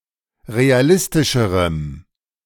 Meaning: strong dative masculine/neuter singular comparative degree of realistisch
- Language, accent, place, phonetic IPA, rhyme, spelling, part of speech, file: German, Germany, Berlin, [ʁeaˈlɪstɪʃəʁəm], -ɪstɪʃəʁəm, realistischerem, adjective, De-realistischerem.ogg